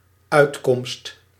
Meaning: 1. an outcome, a result 2. a solution or relief, a means or opportunity to resolve a problem
- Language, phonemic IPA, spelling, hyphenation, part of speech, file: Dutch, /ˈœy̯t.kɔmst/, uitkomst, uit‧komst, noun, Nl-uitkomst.ogg